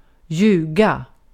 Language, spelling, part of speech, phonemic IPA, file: Swedish, ljuga, verb, /²jʉːɡa/, Sv-ljuga.ogg
- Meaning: to lie, to tell an untruth